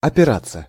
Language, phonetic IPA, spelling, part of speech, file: Russian, [ɐpʲɪˈrat͡sːə], опираться, verb, Ru-опираться.ogg
- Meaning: 1. to lean, to rest 2. to rely (on), to depend on, to be guided (by)